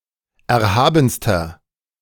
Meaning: inflection of erhaben: 1. strong/mixed nominative masculine singular superlative degree 2. strong genitive/dative feminine singular superlative degree 3. strong genitive plural superlative degree
- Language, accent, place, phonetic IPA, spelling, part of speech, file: German, Germany, Berlin, [ˌɛɐ̯ˈhaːbn̩stɐ], erhabenster, adjective, De-erhabenster.ogg